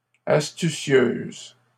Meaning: feminine singular of astucieux
- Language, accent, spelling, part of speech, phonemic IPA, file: French, Canada, astucieuse, adjective, /as.ty.sjøz/, LL-Q150 (fra)-astucieuse.wav